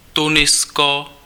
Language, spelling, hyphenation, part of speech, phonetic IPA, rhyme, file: Czech, Tunisko, Tu‧ni‧s‧ko, proper noun, [ˈtunɪsko], -ɪsko, Cs-Tunisko.ogg
- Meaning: Tunisia (a country in North Africa)